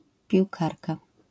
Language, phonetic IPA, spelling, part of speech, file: Polish, [pʲiwˈkarka], piłkarka, noun, LL-Q809 (pol)-piłkarka.wav